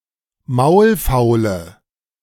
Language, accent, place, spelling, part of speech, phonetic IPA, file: German, Germany, Berlin, maulfaule, adjective, [ˈmaʊ̯lˌfaʊ̯lə], De-maulfaule.ogg
- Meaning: inflection of maulfaul: 1. strong/mixed nominative/accusative feminine singular 2. strong nominative/accusative plural 3. weak nominative all-gender singular